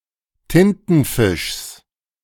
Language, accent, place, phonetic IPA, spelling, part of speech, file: German, Germany, Berlin, [ˈtɪntn̩ˌfɪʃs], Tintenfischs, noun, De-Tintenfischs.ogg
- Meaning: genitive singular of Tintenfisch